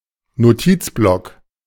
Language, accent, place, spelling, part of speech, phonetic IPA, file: German, Germany, Berlin, Notizblock, noun, [noˈtiːt͡sˌblɔk], De-Notizblock.ogg
- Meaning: notepad